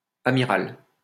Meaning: female equivalent of amiral
- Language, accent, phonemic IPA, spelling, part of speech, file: French, France, /a.mi.ʁal/, amirale, noun, LL-Q150 (fra)-amirale.wav